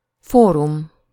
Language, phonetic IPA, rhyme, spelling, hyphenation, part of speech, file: Hungarian, [ˈfoːrum], -um, fórum, fó‧rum, noun, Hu-fórum.ogg
- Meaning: forum